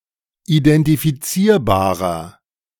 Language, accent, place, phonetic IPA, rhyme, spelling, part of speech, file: German, Germany, Berlin, [idɛntifiˈt͡siːɐ̯baːʁɐ], -iːɐ̯baːʁɐ, identifizierbarer, adjective, De-identifizierbarer.ogg
- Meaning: inflection of identifizierbar: 1. strong/mixed nominative masculine singular 2. strong genitive/dative feminine singular 3. strong genitive plural